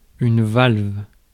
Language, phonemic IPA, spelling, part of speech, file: French, /valv/, valve, noun, Fr-valve.ogg
- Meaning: valve